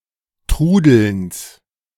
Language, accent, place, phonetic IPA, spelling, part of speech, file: German, Germany, Berlin, [ˈtʁuːdl̩ns], Trudelns, noun, De-Trudelns.ogg
- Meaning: genitive of Trudeln